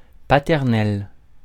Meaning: paternal
- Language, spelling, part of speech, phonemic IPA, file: French, paternel, adjective, /pa.tɛʁ.nɛl/, Fr-paternel.ogg